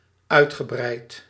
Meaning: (adjective) 1. vast, spacious 2. comprehensive, extensive 3. copious; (adverb) extensively, copiously; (verb) past participle of uitbreiden
- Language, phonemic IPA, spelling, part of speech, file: Dutch, /ˈœytxəˌbrɛit/, uitgebreid, verb / adjective / adverb, Nl-uitgebreid.ogg